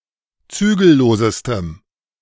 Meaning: strong dative masculine/neuter singular superlative degree of zügellos
- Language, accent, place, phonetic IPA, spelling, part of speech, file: German, Germany, Berlin, [ˈt͡syːɡl̩ˌloːzəstəm], zügellosestem, adjective, De-zügellosestem.ogg